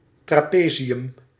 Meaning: trapezium, trapezoid (four-sided shape with no sides parallel and no equal sides)
- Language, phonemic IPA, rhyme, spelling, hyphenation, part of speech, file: Dutch, /trɑˈpeː.zɪ.ʏm/, -eːzɪʏm, trapezium, tra‧pe‧zi‧um, noun, Nl-trapezium.ogg